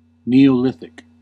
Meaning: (proper noun) The period of prehistory from circa 8500 to 4500 BCE; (adjective) Of or relating to the New Stone Age; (noun) A person who lived during the New Stone Age
- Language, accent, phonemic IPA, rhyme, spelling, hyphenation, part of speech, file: English, US, /ˌni.oʊˈlɪθ.ɪk/, -ɪθɪk, Neolithic, Neo‧lith‧ic, proper noun / adjective / noun, En-us-Neolithic.ogg